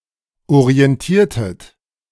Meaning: inflection of orientieren: 1. second-person plural preterite 2. second-person plural subjunctive II
- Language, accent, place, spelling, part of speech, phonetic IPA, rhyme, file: German, Germany, Berlin, orientiertet, verb, [oʁiɛnˈtiːɐ̯tət], -iːɐ̯tət, De-orientiertet.ogg